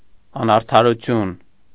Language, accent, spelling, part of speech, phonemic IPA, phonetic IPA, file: Armenian, Eastern Armenian, անարդարություն, noun, /ɑnɑɾtʰɑɾuˈtʰjun/, [ɑnɑɾtʰɑɾut͡sʰjún], Hy-անարդարություն.ogg
- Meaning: injustice; breach of justice; inequity; unfairness